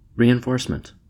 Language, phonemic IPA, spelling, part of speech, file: English, /ˌɹiɪnˈfoɹsmənt/, reinforcement, noun, En-us-reinforcement.ogg
- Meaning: 1. The act, process, or state of reinforcing or being reinforced 2. A thing that reinforces 3. Additional troops or materiel sent to support a military action